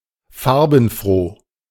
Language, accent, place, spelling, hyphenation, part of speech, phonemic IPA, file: German, Germany, Berlin, farbenfroh, far‧ben‧froh, adjective, /ˈfaʁ.bn̩.ˌfʁoː/, De-farbenfroh.ogg
- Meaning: colourful